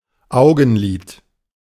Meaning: eyelid
- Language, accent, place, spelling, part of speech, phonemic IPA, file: German, Germany, Berlin, Augenlid, noun, /ˈaʊ̯ɡn̩ˌliːt/, De-Augenlid.ogg